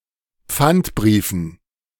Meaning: dative plural of Pfandbrief
- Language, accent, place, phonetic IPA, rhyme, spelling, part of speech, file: German, Germany, Berlin, [ˈp͡fantˌbʁiːfn̩], -antbʁiːfn̩, Pfandbriefen, noun, De-Pfandbriefen.ogg